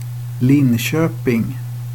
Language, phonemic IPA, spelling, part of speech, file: Swedish, /ˈlɪnːˌɕøːpɪŋ/, Linköping, proper noun, Sv-Linköping.ogg
- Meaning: Linköping, a city in Sweden, in the province Östergötland